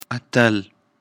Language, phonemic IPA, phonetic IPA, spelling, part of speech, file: Pashto, /a.təl/, [ä.t̪ə́l], اتل, noun / adjective, اتل.ogg
- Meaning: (noun) hero, champion, victor; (adjective) brave, bold, heroic